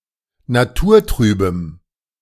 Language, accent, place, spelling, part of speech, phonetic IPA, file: German, Germany, Berlin, naturtrübem, adjective, [naˈtuːɐ̯ˌtʁyːbəm], De-naturtrübem.ogg
- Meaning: strong dative masculine/neuter singular of naturtrüb